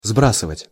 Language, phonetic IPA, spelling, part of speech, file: Russian, [ˈzbrasɨvətʲ], сбрасывать, verb, Ru-сбрасывать.ogg
- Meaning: 1. to throw down, to drop 2. to throw off 3. to shed